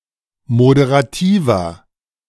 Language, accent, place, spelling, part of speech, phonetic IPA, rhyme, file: German, Germany, Berlin, moderativer, adjective, [modeʁaˈtiːvɐ], -iːvɐ, De-moderativer.ogg
- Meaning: 1. comparative degree of moderativ 2. inflection of moderativ: strong/mixed nominative masculine singular 3. inflection of moderativ: strong genitive/dative feminine singular